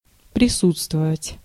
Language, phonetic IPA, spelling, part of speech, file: Russian, [prʲɪˈsut͡stvəvətʲ], присутствовать, verb, Ru-присутствовать.ogg
- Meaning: to be present